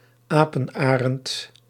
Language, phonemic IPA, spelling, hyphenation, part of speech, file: Dutch, /ˈaː.pə(n)ˌaː.rənt/, apenarend, apen‧arend, noun, Nl-apenarend.ogg
- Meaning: Philippine eagle (Pithecophaga jefferyi)